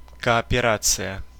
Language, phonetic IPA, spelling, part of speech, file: Russian, [kɐɐpʲɪˈrat͡sɨjə], кооперация, noun, Ru-кооперация.ogg
- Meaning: cooperation